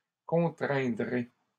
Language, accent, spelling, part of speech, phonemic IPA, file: French, Canada, contraindrai, verb, /kɔ̃.tʁɛ̃.dʁe/, LL-Q150 (fra)-contraindrai.wav
- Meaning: first-person singular simple future of contraindre